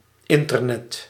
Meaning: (noun) Internet (specific internet consisting of the global network of computers); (verb) inflection of internetten: 1. first/second/third-person singular present indicative 2. imperative
- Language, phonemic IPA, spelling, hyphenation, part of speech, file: Dutch, /ˈɪn.tərˌnɛt/, internet, in‧ter‧net, noun / verb, Nl-internet.ogg